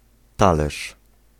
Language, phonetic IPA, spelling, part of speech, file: Polish, [ˈtalɛʃ], talerz, noun, Pl-talerz.ogg